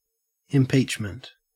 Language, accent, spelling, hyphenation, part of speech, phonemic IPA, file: English, Australia, impeachment, im‧peach‧ment, noun, /ɪmˈpiːt͡ʃ.mənt/, En-au-impeachment.ogg
- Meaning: The act of calling into question or challenging the accuracy or propriety of something